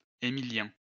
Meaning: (proper noun) a male given name; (noun) Emilian (resident or native of the Italian region Emilia)
- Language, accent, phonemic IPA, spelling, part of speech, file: French, France, /e.mi.ljɛ̃/, Émilien, proper noun / noun, LL-Q150 (fra)-Émilien.wav